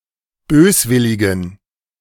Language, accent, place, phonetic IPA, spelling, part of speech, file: German, Germany, Berlin, [ˈbøːsˌvɪlɪɡn̩], böswilligen, adjective, De-böswilligen.ogg
- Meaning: inflection of böswillig: 1. strong genitive masculine/neuter singular 2. weak/mixed genitive/dative all-gender singular 3. strong/weak/mixed accusative masculine singular 4. strong dative plural